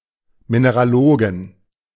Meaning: plural of Mineraloge
- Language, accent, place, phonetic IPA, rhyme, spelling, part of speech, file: German, Germany, Berlin, [minəʁaˈloːɡn̩], -oːɡn̩, Mineralogen, noun, De-Mineralogen.ogg